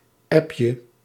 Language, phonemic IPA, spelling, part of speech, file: Dutch, /ˈɛpjə/, appje, noun, Nl-appje.ogg
- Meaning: diminutive of app